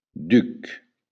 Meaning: duke
- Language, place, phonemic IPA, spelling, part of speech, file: Occitan, Béarn, /dyk/, duc, noun, LL-Q14185 (oci)-duc.wav